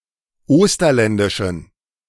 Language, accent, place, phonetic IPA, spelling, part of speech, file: German, Germany, Berlin, [ˈoːstɐlɛndɪʃn̩], osterländischen, adjective, De-osterländischen.ogg
- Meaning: inflection of osterländisch: 1. strong genitive masculine/neuter singular 2. weak/mixed genitive/dative all-gender singular 3. strong/weak/mixed accusative masculine singular 4. strong dative plural